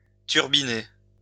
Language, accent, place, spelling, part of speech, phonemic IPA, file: French, France, Lyon, turbiner, verb, /tyʁ.bi.ne/, LL-Q150 (fra)-turbiner.wav
- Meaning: 1. to churn 2. to bust a gut (work hard) 3. to walk the street, prostitute oneself